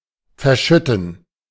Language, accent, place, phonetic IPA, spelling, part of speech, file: German, Germany, Berlin, [fɛɐ̯ˈʃʏtn̩], verschütten, verb, De-verschütten.ogg
- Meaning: 1. to spill 2. to shed 3. to trap, to bury alive